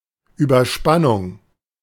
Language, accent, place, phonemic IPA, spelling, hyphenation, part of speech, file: German, Germany, Berlin, /ˈyːbɐˌʃpanʊŋ/, Überspannung, Über‧span‧nung, noun, De-Überspannung.ogg
- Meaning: overvoltage, surge